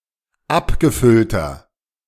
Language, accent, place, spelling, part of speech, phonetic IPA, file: German, Germany, Berlin, abgefüllter, adjective, [ˈapɡəˌfʏltɐ], De-abgefüllter.ogg
- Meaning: inflection of abgefüllt: 1. strong/mixed nominative masculine singular 2. strong genitive/dative feminine singular 3. strong genitive plural